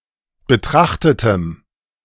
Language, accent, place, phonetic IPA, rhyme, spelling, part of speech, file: German, Germany, Berlin, [bəˈtʁaxtətəm], -axtətəm, betrachtetem, adjective, De-betrachtetem.ogg
- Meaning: strong dative masculine/neuter singular of betrachtet